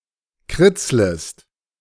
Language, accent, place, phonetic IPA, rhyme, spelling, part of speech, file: German, Germany, Berlin, [ˈkʁɪt͡sləst], -ɪt͡sləst, kritzlest, verb, De-kritzlest.ogg
- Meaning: second-person singular subjunctive I of kritzeln